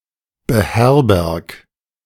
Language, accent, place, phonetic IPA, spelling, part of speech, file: German, Germany, Berlin, [bəˈhɛʁbɛʁk], beherberg, verb, De-beherberg.ogg
- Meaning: 1. singular imperative of beherbergen 2. first-person singular present of beherbergen